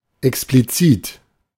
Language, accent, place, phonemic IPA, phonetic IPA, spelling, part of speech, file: German, Germany, Berlin, /ˈɛksplitsɪt/, [ʔˈɛksplitsɪtʰ], explizit, adjective, De-explizit.ogg
- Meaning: explicit